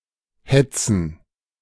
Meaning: 1. plural of Hetze 2. gerund of hetzen
- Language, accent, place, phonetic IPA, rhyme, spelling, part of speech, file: German, Germany, Berlin, [ˈhɛt͡sn̩], -ɛt͡sn̩, Hetzen, noun, De-Hetzen.ogg